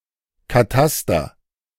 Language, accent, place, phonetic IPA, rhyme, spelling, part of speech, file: German, Germany, Berlin, [kaˈtastɐ], -astɐ, Kataster, noun, De-Kataster.ogg
- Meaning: cadastre